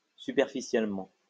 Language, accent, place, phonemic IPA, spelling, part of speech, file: French, France, Lyon, /sy.pɛʁ.fi.sjɛl.mɑ̃/, superficiellement, adverb, LL-Q150 (fra)-superficiellement.wav
- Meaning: superficially